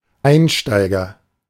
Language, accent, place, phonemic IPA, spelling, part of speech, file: German, Germany, Berlin, /ˈaɪnˌʃtɐɪɡɐ/, Einsteiger, noun, De-Einsteiger.ogg
- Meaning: beginner, rookie, newbie